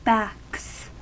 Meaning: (noun) 1. plural of back 2. The backyard of the University; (verb) third-person singular simple present indicative of back
- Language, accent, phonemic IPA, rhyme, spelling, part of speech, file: English, US, /bæks/, -æks, backs, noun / verb, En-us-backs.ogg